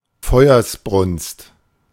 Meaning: conflagration (large, ferocious, and destructive fire)
- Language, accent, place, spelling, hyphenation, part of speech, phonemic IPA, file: German, Germany, Berlin, Feuersbrunst, Feu‧ers‧brunst, noun, /ˈfɔɪ̯ɐsˌbʁʊnst/, De-Feuersbrunst.ogg